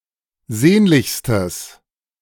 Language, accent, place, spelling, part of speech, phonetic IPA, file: German, Germany, Berlin, sehnlichstes, adjective, [ˈzeːnlɪçstəs], De-sehnlichstes.ogg
- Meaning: strong/mixed nominative/accusative neuter singular superlative degree of sehnlich